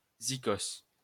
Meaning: musician
- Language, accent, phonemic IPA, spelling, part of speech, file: French, France, /zi.kɔs/, zicos, noun, LL-Q150 (fra)-zicos.wav